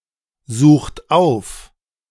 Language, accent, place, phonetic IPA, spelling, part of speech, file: German, Germany, Berlin, [ˌzuːxt ˈaʊ̯f], sucht auf, verb, De-sucht auf.ogg
- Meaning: inflection of aufsuchen: 1. second-person plural present 2. third-person singular present 3. plural imperative